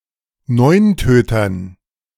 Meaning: dative plural of Neuntöter
- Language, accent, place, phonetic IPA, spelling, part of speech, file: German, Germany, Berlin, [ˈnɔɪ̯nˌtøːtɐn], Neuntötern, noun, De-Neuntötern.ogg